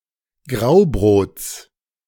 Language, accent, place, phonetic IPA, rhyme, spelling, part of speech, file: German, Germany, Berlin, [ˈɡʁaʊ̯ˌbʁoːt͡s], -aʊ̯bʁoːt͡s, Graubrots, noun, De-Graubrots.ogg
- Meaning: genitive singular of Graubrot